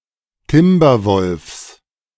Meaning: genitive singular of Timberwolf
- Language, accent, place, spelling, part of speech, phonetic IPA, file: German, Germany, Berlin, Timberwolfs, noun, [ˈtɪmbɐˌvɔlfs], De-Timberwolfs.ogg